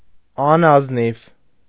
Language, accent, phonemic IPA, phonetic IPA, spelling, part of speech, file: Armenian, Eastern Armenian, /ɑnɑzˈniv/, [ɑnɑznív], անազնիվ, adjective, Hy-անազնիվ.ogg
- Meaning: dishonest